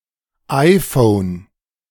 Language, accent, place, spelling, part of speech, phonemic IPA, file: German, Germany, Berlin, iPhone, proper noun, /ˈaɪ̯foːn/, De-iPhone.ogg
- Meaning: iPhone